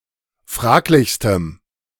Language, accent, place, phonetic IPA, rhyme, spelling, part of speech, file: German, Germany, Berlin, [ˈfʁaːklɪçstəm], -aːklɪçstəm, fraglichstem, adjective, De-fraglichstem.ogg
- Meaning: strong dative masculine/neuter singular superlative degree of fraglich